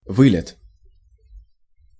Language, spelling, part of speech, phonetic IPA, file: Russian, вылет, noun, [ˈvɨlʲɪt], Ru-вылет.ogg
- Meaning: 1. takeoff 2. flight departure 3. sortie 4. crash